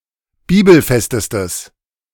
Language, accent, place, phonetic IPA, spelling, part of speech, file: German, Germany, Berlin, [ˈbiːbl̩ˌfɛstəstəs], bibelfestestes, adjective, De-bibelfestestes.ogg
- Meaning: strong/mixed nominative/accusative neuter singular superlative degree of bibelfest